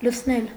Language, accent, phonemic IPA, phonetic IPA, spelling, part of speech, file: Armenian, Eastern Armenian, /lət͡sʰˈnel/, [lət͡sʰnél], լցնել, verb, Hy-լցնել.ogg
- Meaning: to fill